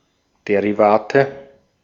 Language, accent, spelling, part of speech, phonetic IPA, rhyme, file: German, Austria, Derivate, noun, [ˌdeʁiˈvaːtə], -aːtə, De-at-Derivate.ogg
- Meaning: nominative/accusative/genitive plural of Derivat